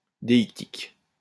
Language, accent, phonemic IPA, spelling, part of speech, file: French, France, /de.ik.tik/, déictique, adjective, LL-Q150 (fra)-déictique.wav
- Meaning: deictic